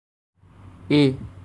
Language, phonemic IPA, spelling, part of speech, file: Assamese, /é/, এ’, character, As-এ’.ogg
- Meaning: An additional vowel in the Assamese alphabet